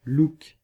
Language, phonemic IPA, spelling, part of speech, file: French, /luk/, look, noun, Fr-look.ogg
- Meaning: a style; appearance; look